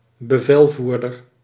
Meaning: commander, commanding officer
- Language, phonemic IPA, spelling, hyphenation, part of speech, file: Dutch, /bəˈvɛlˌvur.dər/, bevelvoerder, be‧vel‧voer‧der, noun, Nl-bevelvoerder.ogg